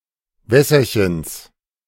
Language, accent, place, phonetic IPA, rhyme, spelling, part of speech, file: German, Germany, Berlin, [ˈvɛsɐçəns], -ɛsɐçəns, Wässerchens, noun, De-Wässerchens.ogg
- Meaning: genitive of Wässerchen